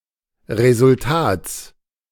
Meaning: genitive singular of Resultat
- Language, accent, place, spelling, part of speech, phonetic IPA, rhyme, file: German, Germany, Berlin, Resultats, noun, [ˌʁezʊlˈtaːt͡s], -aːt͡s, De-Resultats.ogg